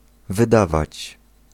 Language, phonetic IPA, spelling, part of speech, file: Polish, [vɨˈdavat͡ɕ], wydawać, verb, Pl-wydawać.ogg